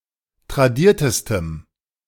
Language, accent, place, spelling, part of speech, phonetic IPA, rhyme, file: German, Germany, Berlin, tradiertestem, adjective, [tʁaˈdiːɐ̯təstəm], -iːɐ̯təstəm, De-tradiertestem.ogg
- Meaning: strong dative masculine/neuter singular superlative degree of tradiert